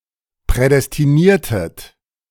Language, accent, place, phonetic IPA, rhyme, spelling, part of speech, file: German, Germany, Berlin, [pʁɛdɛstiˈniːɐ̯tət], -iːɐ̯tət, prädestiniertet, verb, De-prädestiniertet.ogg
- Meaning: inflection of prädestinieren: 1. second-person plural preterite 2. second-person plural subjunctive II